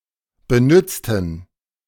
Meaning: inflection of benützen: 1. first/third-person plural preterite 2. first/third-person plural subjunctive II
- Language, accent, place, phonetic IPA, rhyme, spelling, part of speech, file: German, Germany, Berlin, [bəˈnʏt͡stn̩], -ʏt͡stn̩, benützten, adjective / verb, De-benützten.ogg